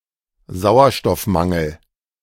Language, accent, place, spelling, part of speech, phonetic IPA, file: German, Germany, Berlin, Sauerstoffmangel, noun, [ˈzaʊ̯ɐʃtɔfˌmaŋl̩], De-Sauerstoffmangel.ogg
- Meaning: 1. hypoxia 2. anoxia